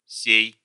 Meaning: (determiner) this, this here; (pronoun) this one, this one here; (verb) second-person singular imperative imperfective of се́ять (séjatʹ)
- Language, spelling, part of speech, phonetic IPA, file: Russian, сей, determiner / pronoun / verb, [sʲej], Ru-сей.ogg